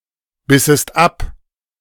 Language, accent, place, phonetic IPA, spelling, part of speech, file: German, Germany, Berlin, [ˌbɪsəst ˈap], bissest ab, verb, De-bissest ab.ogg
- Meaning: second-person singular subjunctive II of abbeißen